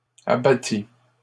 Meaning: third-person singular past historic of abattre
- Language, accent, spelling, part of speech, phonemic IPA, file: French, Canada, abattit, verb, /a.ba.ti/, LL-Q150 (fra)-abattit.wav